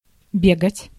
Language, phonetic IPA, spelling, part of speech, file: Russian, [ˈbʲeɡətʲ], бегать, verb, Ru-бегать.ogg
- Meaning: to run